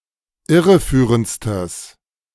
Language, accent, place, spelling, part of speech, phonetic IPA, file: German, Germany, Berlin, irreführendstes, adjective, [ˈɪʁəˌfyːʁənt͡stəs], De-irreführendstes.ogg
- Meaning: strong/mixed nominative/accusative neuter singular superlative degree of irreführend